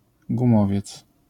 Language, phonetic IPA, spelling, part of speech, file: Polish, [ɡũˈmɔvʲjɛt͡s], gumowiec, noun, LL-Q809 (pol)-gumowiec.wav